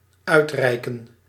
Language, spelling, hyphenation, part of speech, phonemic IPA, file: Dutch, uitreiken, uit‧rei‧ken, verb, /ˈœy̯tˌrɛi̯.kə(n)/, Nl-uitreiken.ogg
- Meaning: 1. to hand out, to distribute, to issue 2. to award